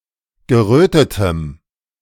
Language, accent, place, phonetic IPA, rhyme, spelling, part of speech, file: German, Germany, Berlin, [ɡəˈʁøːtətəm], -øːtətəm, gerötetem, adjective, De-gerötetem.ogg
- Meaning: strong dative masculine/neuter singular of gerötet